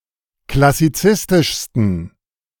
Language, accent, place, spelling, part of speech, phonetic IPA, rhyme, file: German, Germany, Berlin, klassizistischsten, adjective, [klasiˈt͡sɪstɪʃstn̩], -ɪstɪʃstn̩, De-klassizistischsten.ogg
- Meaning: 1. superlative degree of klassizistisch 2. inflection of klassizistisch: strong genitive masculine/neuter singular superlative degree